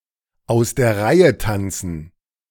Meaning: to step out of line
- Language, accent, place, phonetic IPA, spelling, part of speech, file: German, Germany, Berlin, [aʊ̯s deːɐ̯ ˈʁaɪ̯ə ˌtant͡sn̩], aus der Reihe tanzen, phrase, De-aus der Reihe tanzen.ogg